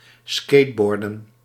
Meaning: to skateboard
- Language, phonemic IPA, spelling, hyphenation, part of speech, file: Dutch, /ˈskeːtˌbɔr.də(n)/, skateboarden, skate‧boar‧den, verb, Nl-skateboarden.ogg